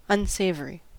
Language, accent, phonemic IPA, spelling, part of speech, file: English, US, /ʌnˈseɪv.əɹ.i/, unsavory, adjective, En-us-unsavory.ogg
- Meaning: 1. Not savory; without flavor 2. Of bad taste; distasteful 3. Making an activity undesirable 4. Disreputable, not respectable, of questionable moral character